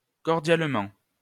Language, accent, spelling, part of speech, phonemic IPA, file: French, France, cdlt, adverb, /kɔʁ.djal.mɑ̃/, LL-Q150 (fra)-cdlt.wav
- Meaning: abbreviation of cordialement (“cordially”)